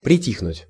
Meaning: 1. to grow quiet, to hush 2. to abate (of wind, noise, pain, etc.)
- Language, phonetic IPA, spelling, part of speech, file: Russian, [prʲɪˈtʲixnʊtʲ], притихнуть, verb, Ru-притихнуть.ogg